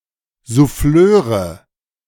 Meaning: nominative/accusative/genitive plural of Souffleur
- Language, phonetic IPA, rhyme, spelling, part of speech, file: German, [zuˈfløːʁə], -øːʁə, Souffleure, noun, De-Souffleure.oga